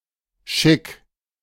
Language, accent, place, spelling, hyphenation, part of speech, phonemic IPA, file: German, Germany, Berlin, Schick, Schick, noun, /ʃɪk/, De-Schick.ogg
- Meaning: chic